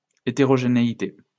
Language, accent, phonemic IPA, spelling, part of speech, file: French, France, /e.te.ʁɔ.ʒe.ne.i.te/, hétérogénéité, noun, LL-Q150 (fra)-hétérogénéité.wav
- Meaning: heterogeneity